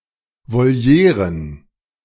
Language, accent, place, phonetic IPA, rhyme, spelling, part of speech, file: German, Germany, Berlin, [voˈli̯eːʁən], -eːʁən, Volieren, noun, De-Volieren.ogg
- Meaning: plural of Voliere